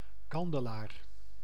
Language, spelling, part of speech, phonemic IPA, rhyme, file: Dutch, kandelaar, noun, /ˈkɑn.də.laːr/, -ɑndəlaːr, Nl-kandelaar.ogg
- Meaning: 1. candelabrum 2. sconce